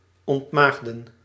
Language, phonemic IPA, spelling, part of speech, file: Dutch, /ˌɔntˈmaːx.də(n)/, ontmaagden, verb, Nl-ontmaagden.ogg
- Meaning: to deflower